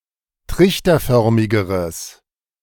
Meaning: strong/mixed nominative/accusative neuter singular comparative degree of trichterförmig
- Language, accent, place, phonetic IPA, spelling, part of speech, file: German, Germany, Berlin, [ˈtʁɪçtɐˌfœʁmɪɡəʁəs], trichterförmigeres, adjective, De-trichterförmigeres.ogg